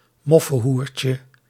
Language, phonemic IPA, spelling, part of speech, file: Dutch, /ˈmɔfə(n)ˌhurcə/, moffenhoertje, noun, Nl-moffenhoertje.ogg
- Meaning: diminutive of moffenhoer